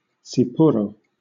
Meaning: A Greek alcoholic spirit distilled from marc or pomace, similar to grappa
- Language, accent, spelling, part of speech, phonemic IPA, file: English, Southern England, tsipouro, noun, /ˈ(t)sɪpʊɹoʊ/, LL-Q1860 (eng)-tsipouro.wav